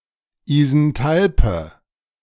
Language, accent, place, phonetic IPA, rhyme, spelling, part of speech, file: German, Germany, Berlin, [izɛnˈtalpə], -alpə, isenthalpe, adjective, De-isenthalpe.ogg
- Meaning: inflection of isenthalp: 1. strong/mixed nominative/accusative feminine singular 2. strong nominative/accusative plural 3. weak nominative all-gender singular